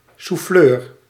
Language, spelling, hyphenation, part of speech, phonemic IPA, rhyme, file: Dutch, souffleur, souf‧fleur, noun, /suˈfløːr/, -øːr, Nl-souffleur.ogg
- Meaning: a prompter